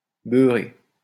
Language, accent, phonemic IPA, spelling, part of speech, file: French, France, /bœ.ʁe/, beurré, adjective / noun / verb, LL-Q150 (fra)-beurré.wav
- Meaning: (adjective) 1. buttered 2. drunk; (noun) beurré (pear); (verb) past participle of beurrer